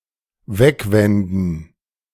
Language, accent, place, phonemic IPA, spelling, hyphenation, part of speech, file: German, Germany, Berlin, /ˈvɛkˌvɛndn̩/, wegwenden, weg‧wen‧den, verb, De-wegwenden.ogg
- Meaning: to turn away (e.g. one's head)